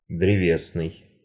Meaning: 1. wood; woody, ligneous 2. fibrous 3. tree; arboreal 4. wood pulp
- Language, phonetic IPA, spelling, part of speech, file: Russian, [drʲɪˈvʲesnɨj], древесный, adjective, Ru-древесный.ogg